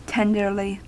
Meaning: In a tender manner; gently; sweetly
- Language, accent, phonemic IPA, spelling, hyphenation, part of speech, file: English, US, /ˈtɛn.dɚ.li/, tenderly, ten‧der‧ly, adverb, En-us-tenderly.ogg